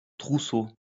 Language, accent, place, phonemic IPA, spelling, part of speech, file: French, France, Lyon, /tʁu.so/, trousseau, noun, LL-Q150 (fra)-trousseau.wav
- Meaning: 1. bunch (of keys) 2. trousseau (clothes and linen, etc., that a bride collects)